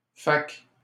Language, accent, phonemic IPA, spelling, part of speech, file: French, Canada, /fak/, fak, conjunction, LL-Q150 (fra)-fak.wav
- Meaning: eye dialect spelling of fait que